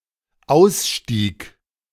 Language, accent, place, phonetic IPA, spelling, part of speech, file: German, Germany, Berlin, [ˈaʊ̯sˌʃtiːk], ausstieg, verb, De-ausstieg.ogg
- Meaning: first/third-person singular dependent preterite of aussteigen